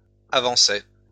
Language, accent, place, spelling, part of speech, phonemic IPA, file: French, France, Lyon, avançaient, verb, /a.vɑ̃.sɛ/, LL-Q150 (fra)-avançaient.wav
- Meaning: third-person plural imperfect indicative of avancer